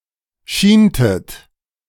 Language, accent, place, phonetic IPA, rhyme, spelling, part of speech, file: German, Germany, Berlin, [ˈʃiːntət], -iːntət, schientet, verb, De-schientet.ogg
- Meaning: inflection of schienen: 1. second-person plural preterite 2. second-person plural subjunctive II